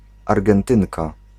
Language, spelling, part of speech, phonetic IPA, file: Polish, Argentynka, noun, [ˌarɡɛ̃nˈtɨ̃ŋka], Pl-Argentynka.ogg